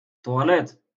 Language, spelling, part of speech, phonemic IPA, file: Moroccan Arabic, طواليط, noun, /tˤwaː.liː.tˤ/, LL-Q56426 (ary)-طواليط.wav
- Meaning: toilet